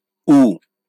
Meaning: The sixth character in the Bengali abugida
- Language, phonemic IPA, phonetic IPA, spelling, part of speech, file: Bengali, /u/, [ˈuˑ], ঊ, character, LL-Q9610 (ben)-ঊ.wav